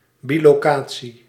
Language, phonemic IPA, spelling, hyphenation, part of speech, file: Dutch, /ˌbi.loːˈkaː.(t)si/, bilocatie, bi‧lo‧ca‧tie, noun, Nl-bilocatie.ogg
- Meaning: 1. bilocation (ability to be in two locations simultaneously; instance hereof) 2. divorce arrangement where the child or children spend(s) equal time at the homes of both parents